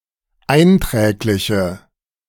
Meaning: inflection of einträglich: 1. strong/mixed nominative/accusative feminine singular 2. strong nominative/accusative plural 3. weak nominative all-gender singular
- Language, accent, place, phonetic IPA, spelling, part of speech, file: German, Germany, Berlin, [ˈaɪ̯nˌtʁɛːklɪçə], einträgliche, adjective, De-einträgliche.ogg